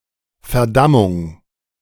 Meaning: condemnation
- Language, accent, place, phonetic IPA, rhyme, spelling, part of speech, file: German, Germany, Berlin, [fɛɐ̯ˈdamʊŋ], -amʊŋ, Verdammung, noun, De-Verdammung.ogg